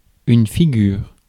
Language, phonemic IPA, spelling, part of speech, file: French, /fi.ɡyʁ/, figure, noun / verb, Fr-figure.ogg
- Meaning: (noun) 1. face 2. figure; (verb) inflection of figurer: 1. first/third-person singular present indicative/subjunctive 2. second-person singular imperative